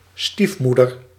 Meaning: stepmother
- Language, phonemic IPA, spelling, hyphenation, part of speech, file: Dutch, /ˈstifˌmu.dər/, stiefmoeder, stief‧moe‧der, noun, Nl-stiefmoeder.ogg